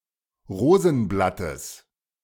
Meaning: genitive of Rosenblatt
- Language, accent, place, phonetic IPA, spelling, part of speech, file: German, Germany, Berlin, [ˈʁoːzn̩ˌblatəs], Rosenblattes, noun, De-Rosenblattes.ogg